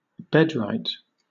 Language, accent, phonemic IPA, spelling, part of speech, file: English, Southern England, /ˈbɛdˌɹaɪt/, bedrite, noun, LL-Q1860 (eng)-bedrite.wav
- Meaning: The duty or privilege of the marriage bed